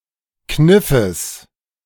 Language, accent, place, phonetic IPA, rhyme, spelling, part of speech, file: German, Germany, Berlin, [ˈknɪfəs], -ɪfəs, Kniffes, noun, De-Kniffes.ogg
- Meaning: genitive singular of Kniff